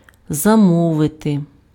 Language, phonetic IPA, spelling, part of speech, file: Ukrainian, [zɐˈmɔʋete], замовити, verb, Uk-замовити.ogg
- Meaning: 1. to order 2. to reserve, to book